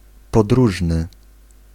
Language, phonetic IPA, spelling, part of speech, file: Polish, [pɔdˈruʒnɨ], podróżny, adjective / noun, Pl-podróżny.ogg